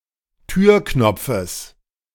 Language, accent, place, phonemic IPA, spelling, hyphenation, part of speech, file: German, Germany, Berlin, /ˈtyːɐ̯ˌknɔp͡fəs/, Türknopfes, Tür‧knop‧fes, noun, De-Türknopfes.ogg
- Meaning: genitive singular of Türknopf